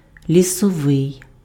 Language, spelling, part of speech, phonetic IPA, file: Ukrainian, лісовий, adjective, [lʲisɔˈʋɪi̯], Uk-лісовий.ogg
- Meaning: forest (attributive), sylvan